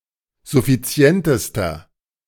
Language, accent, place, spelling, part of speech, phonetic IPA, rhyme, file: German, Germany, Berlin, suffizientester, adjective, [zʊfiˈt͡si̯ɛntəstɐ], -ɛntəstɐ, De-suffizientester.ogg
- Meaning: inflection of suffizient: 1. strong/mixed nominative masculine singular superlative degree 2. strong genitive/dative feminine singular superlative degree 3. strong genitive plural superlative degree